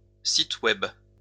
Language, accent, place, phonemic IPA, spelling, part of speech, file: French, France, Lyon, /sit wɛb/, site web, noun, LL-Q150 (fra)-site web.wav
- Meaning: alternative letter-case form of site Web